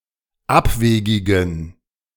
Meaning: inflection of abwegig: 1. strong genitive masculine/neuter singular 2. weak/mixed genitive/dative all-gender singular 3. strong/weak/mixed accusative masculine singular 4. strong dative plural
- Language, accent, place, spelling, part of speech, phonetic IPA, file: German, Germany, Berlin, abwegigen, adjective, [ˈapˌveːɡɪɡn̩], De-abwegigen.ogg